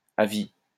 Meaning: for life; perpetual
- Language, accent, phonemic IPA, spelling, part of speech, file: French, France, /a vi/, à vie, prepositional phrase, LL-Q150 (fra)-à vie.wav